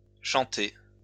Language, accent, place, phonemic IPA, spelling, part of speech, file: French, France, Lyon, /ʃɑ̃.te/, chantée, verb, LL-Q150 (fra)-chantée.wav
- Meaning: feminine singular of chanté